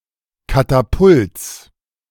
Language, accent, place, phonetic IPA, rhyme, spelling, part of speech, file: German, Germany, Berlin, [ˌkataˈpʊlt͡s], -ʊlt͡s, Katapults, noun, De-Katapults.ogg
- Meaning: genitive singular of Katapult